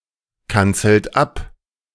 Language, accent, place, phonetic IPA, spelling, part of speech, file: German, Germany, Berlin, [ˌkant͡sl̩t ˈap], kanzelt ab, verb, De-kanzelt ab.ogg
- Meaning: inflection of abkanzeln: 1. second-person plural present 2. third-person singular present 3. plural imperative